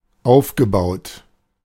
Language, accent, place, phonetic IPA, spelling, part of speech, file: German, Germany, Berlin, [ˈaʊ̯fɡəˌbaʊ̯t], aufgebaut, verb, De-aufgebaut.ogg
- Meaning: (verb) past participle of aufbauen; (adjective) built, constructed